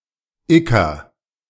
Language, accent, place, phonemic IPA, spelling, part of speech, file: German, Germany, Berlin, /-ɪkɐ/, -iker, suffix, De--iker.ogg
- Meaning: -ist, -ic